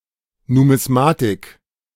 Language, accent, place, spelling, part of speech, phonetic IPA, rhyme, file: German, Germany, Berlin, Numismatik, noun, [numɪsˈmaːtɪk], -aːtɪk, De-Numismatik.ogg
- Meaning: numismatics